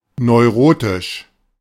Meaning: neurotic
- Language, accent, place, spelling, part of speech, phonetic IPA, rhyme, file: German, Germany, Berlin, neurotisch, adjective, [nɔɪ̯ˈʁoːtɪʃ], -oːtɪʃ, De-neurotisch.ogg